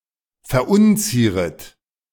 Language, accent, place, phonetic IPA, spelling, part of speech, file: German, Germany, Berlin, [fɛɐ̯ˈʔʊnˌt͡siːʁət], verunzieret, verb, De-verunzieret.ogg
- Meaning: second-person plural subjunctive I of verunzieren